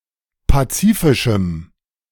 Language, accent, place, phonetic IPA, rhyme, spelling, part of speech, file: German, Germany, Berlin, [ˌpaˈt͡siːfɪʃm̩], -iːfɪʃm̩, pazifischem, adjective, De-pazifischem.ogg
- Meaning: strong dative masculine/neuter singular of pazifisch